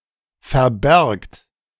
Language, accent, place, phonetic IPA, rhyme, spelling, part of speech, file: German, Germany, Berlin, [fɛɐ̯ˈbɛʁkt], -ɛʁkt, verbergt, verb, De-verbergt.ogg
- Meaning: inflection of verbergen: 1. second-person plural present 2. plural imperative